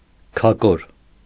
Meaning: dry dung, manure
- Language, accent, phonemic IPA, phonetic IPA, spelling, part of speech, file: Armenian, Eastern Armenian, /kʰɑˈkoɾ/, [kʰɑkóɾ], քակոր, noun, Hy-քակոր.ogg